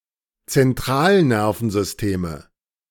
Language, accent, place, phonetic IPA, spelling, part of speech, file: German, Germany, Berlin, [t͡sɛnˈtʁaːlˌnɛʁfn̩zʏsteːmə], Zentralnervensysteme, noun, De-Zentralnervensysteme.ogg
- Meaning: nominative/accusative/genitive plural of Zentralnervensystem